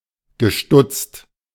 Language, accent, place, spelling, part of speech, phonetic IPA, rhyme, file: German, Germany, Berlin, gestutzt, verb, [ɡəˈʃtʊt͡st], -ʊt͡st, De-gestutzt.ogg
- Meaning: past participle of stutzen